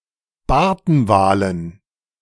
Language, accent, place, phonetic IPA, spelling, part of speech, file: German, Germany, Berlin, [ˈbaʁtn̩ˌvaːlən], Bartenwalen, noun, De-Bartenwalen.ogg
- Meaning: dative plural of Bartenwal